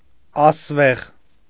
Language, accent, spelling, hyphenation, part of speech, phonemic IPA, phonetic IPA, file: Armenian, Eastern Armenian, ասվեղ, աս‧վեղ, adjective, /ɑsˈveʁ/, [ɑsvéʁ], Hy-ասվեղ.ogg
- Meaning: shaggy, woolly